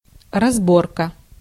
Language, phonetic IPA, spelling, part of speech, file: Russian, [rɐzˈborkə], разборка, noun, Ru-разборка.ogg
- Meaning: 1. sorting out 2. disassembling, dismantling, taking apart 3. showdown